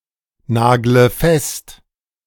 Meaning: inflection of festnageln: 1. first-person singular present 2. first/third-person singular subjunctive I 3. singular imperative
- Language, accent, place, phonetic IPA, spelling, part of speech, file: German, Germany, Berlin, [ˌnaːɡlə ˈfɛst], nagle fest, verb, De-nagle fest.ogg